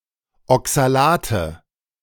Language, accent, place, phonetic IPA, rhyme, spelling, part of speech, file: German, Germany, Berlin, [ɔksaˈlaːtə], -aːtə, Oxalate, noun, De-Oxalate.ogg
- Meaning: nominative/accusative/genitive plural of Oxalat